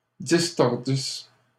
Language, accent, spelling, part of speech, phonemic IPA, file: French, Canada, distordisses, verb, /dis.tɔʁ.dis/, LL-Q150 (fra)-distordisses.wav
- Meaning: second-person singular imperfect subjunctive of distordre